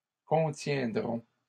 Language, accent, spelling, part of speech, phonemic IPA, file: French, Canada, contiendront, verb, /kɔ̃.tjɛ̃.dʁɔ̃/, LL-Q150 (fra)-contiendront.wav
- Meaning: third-person plural future of contenir